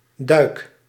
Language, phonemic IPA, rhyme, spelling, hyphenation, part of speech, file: Dutch, /dœy̯k/, -œy̯k, duik, duik, noun / verb, Nl-duik.ogg
- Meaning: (noun) 1. dive, the act of diving into the water 2. dive, swimming under water 3. deliberate jump or fall to the floor; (verb) inflection of duiken: first-person singular present indicative